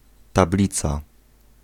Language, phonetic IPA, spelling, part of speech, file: Polish, [taˈblʲit͡sa], tablica, noun, Pl-tablica.ogg